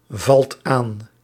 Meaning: inflection of aanvallen: 1. second/third-person singular present indicative 2. plural imperative
- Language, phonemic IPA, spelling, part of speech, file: Dutch, /ˈvɑlt ˈan/, valt aan, verb, Nl-valt aan.ogg